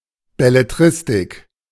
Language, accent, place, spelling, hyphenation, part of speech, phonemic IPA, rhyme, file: German, Germany, Berlin, Belletristik, Bel‧le‧t‧ris‧tik, noun, /bɛleˈtʁɪstɪk/, -ɪstɪk, De-Belletristik.ogg
- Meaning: fiction, belles-lettres